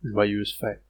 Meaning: merry Christmas and a happy New Year; happy holidays
- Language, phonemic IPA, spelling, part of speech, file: French, /ʒwa.jøz fɛt/, joyeuses fêtes, interjection, Fr-joyeuses fêtes.ogg